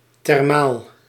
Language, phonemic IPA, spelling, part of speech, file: Dutch, /tɛrˈmal/, thermaal, adjective, Nl-thermaal.ogg
- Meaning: thermal